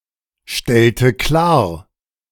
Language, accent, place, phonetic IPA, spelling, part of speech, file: German, Germany, Berlin, [ˌʃtɛltə ˈklaːɐ̯], stellte klar, verb, De-stellte klar.ogg
- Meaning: inflection of klarstellen: 1. first/third-person singular preterite 2. first/third-person singular subjunctive II